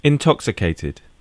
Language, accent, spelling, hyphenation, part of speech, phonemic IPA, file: English, UK, intoxicated, in‧tox‧i‧cat‧ed, adjective / verb, /ɪnˈtɒksɪkeɪtɪd/, En-gb-intoxicated.ogg
- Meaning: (adjective) 1. Stupefied by alcohol, drunk 2. Stupefied by any chemical substance; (verb) simple past and past participle of intoxicate